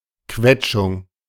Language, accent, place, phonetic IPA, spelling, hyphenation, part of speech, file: German, Germany, Berlin, [ˈkvɛt͡ʃʊŋ], Quetschung, Quet‧schung, noun, De-Quetschung.ogg
- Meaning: contusion